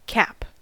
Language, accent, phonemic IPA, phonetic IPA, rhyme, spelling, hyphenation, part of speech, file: English, US, /kæp/, [kʰæp], -æp, cap, cap, noun / verb, En-us-cap.ogg
- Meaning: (noun) 1. A close-fitting hat, either brimless or peaked 2. A special hat to indicate rank, occupation, etc 3. An academic mortarboard 4. A protective cover or seal 5. A crown for covering a tooth